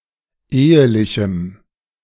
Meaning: strong dative masculine/neuter singular of ehelich
- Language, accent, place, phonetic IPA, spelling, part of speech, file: German, Germany, Berlin, [ˈeːəlɪçm̩], ehelichem, adjective, De-ehelichem.ogg